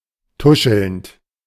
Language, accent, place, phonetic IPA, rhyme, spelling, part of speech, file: German, Germany, Berlin, [ˈtʊʃl̩nt], -ʊʃl̩nt, tuschelnd, verb, De-tuschelnd.ogg
- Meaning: present participle of tuscheln